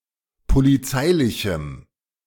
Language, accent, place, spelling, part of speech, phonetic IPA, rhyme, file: German, Germany, Berlin, polizeilichem, adjective, [poliˈt͡saɪ̯lɪçm̩], -aɪ̯lɪçm̩, De-polizeilichem.ogg
- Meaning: strong dative masculine/neuter singular of polizeilich